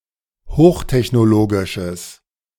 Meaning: strong/mixed nominative/accusative neuter singular of hochtechnologisch
- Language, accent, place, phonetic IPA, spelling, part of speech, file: German, Germany, Berlin, [ˈhoːxtɛçnoˌloːɡɪʃəs], hochtechnologisches, adjective, De-hochtechnologisches.ogg